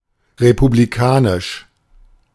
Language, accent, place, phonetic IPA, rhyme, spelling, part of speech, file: German, Germany, Berlin, [ʁepubliˈkaːnɪʃ], -aːnɪʃ, republikanisch, adjective, De-republikanisch.ogg
- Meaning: 1. republican 2. Republican